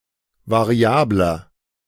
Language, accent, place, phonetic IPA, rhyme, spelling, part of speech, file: German, Germany, Berlin, [vaˈʁi̯aːblɐ], -aːblɐ, variabler, adjective, De-variabler.ogg
- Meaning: 1. comparative degree of variabel 2. inflection of variabel: strong/mixed nominative masculine singular 3. inflection of variabel: strong genitive/dative feminine singular